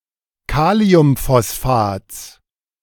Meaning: genitive singular of Kaliumphosphat
- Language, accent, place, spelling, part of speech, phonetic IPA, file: German, Germany, Berlin, Kaliumphosphats, noun, [ˈkaːli̯ʊmfɔsˌfaːt͡s], De-Kaliumphosphats.ogg